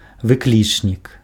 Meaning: interjection
- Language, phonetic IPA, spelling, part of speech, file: Belarusian, [vɨˈklʲit͡ʂnʲik], выклічнік, noun, Be-выклічнік.ogg